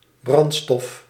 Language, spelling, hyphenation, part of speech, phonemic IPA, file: Dutch, brandstof, brand‧stof, noun, /ˈbrɑn(t).stɔf/, Nl-brandstof.ogg
- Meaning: fuel